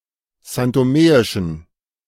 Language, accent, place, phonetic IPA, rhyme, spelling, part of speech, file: German, Germany, Berlin, [zantoˈmeːɪʃn̩], -eːɪʃn̩, santomeischen, adjective, De-santomeischen.ogg
- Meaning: inflection of santomeisch: 1. strong genitive masculine/neuter singular 2. weak/mixed genitive/dative all-gender singular 3. strong/weak/mixed accusative masculine singular 4. strong dative plural